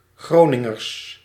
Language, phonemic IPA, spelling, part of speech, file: Dutch, /ˈɣronɪŋərs/, Groningers, noun / adjective, Nl-Groningers.ogg
- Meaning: plural of Groninger